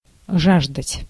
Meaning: to thirst (for), to crave (for), to hunger (for)
- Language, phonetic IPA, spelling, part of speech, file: Russian, [ˈʐaʐdətʲ], жаждать, verb, Ru-жаждать.ogg